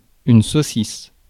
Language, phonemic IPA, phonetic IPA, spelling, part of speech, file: French, /so.sis/, [soː.sɪs], saucisse, noun, Fr-saucisse.ogg
- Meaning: sausage (hot dog style)